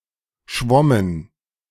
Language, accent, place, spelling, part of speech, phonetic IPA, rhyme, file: German, Germany, Berlin, schwommen, verb, [ˈʃvɔmən], -ɔmən, De-schwommen.ogg
- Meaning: first/third-person plural preterite of schwimmen